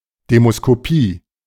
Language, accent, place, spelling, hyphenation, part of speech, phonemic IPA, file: German, Germany, Berlin, Demoskopie, De‧mo‧s‧ko‧pie, noun, /ˌdeːmoskoˈpiː/, De-Demoskopie.ogg
- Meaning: opinion poll